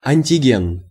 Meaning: antigen
- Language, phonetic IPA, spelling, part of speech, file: Russian, [ɐnʲtʲɪˈɡʲen], антиген, noun, Ru-антиген.ogg